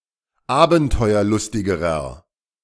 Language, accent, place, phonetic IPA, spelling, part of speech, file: German, Germany, Berlin, [ˈaːbn̩tɔɪ̯ɐˌlʊstɪɡəʁɐ], abenteuerlustigerer, adjective, De-abenteuerlustigerer.ogg
- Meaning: inflection of abenteuerlustig: 1. strong/mixed nominative masculine singular comparative degree 2. strong genitive/dative feminine singular comparative degree